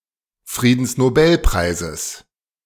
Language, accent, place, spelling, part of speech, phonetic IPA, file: German, Germany, Berlin, Friedensnobelpreises, noun, [ˌfʁiːdn̩snoˈbɛlpʁaɪ̯zəs], De-Friedensnobelpreises.ogg
- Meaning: genitive singular of Friedensnobelpreis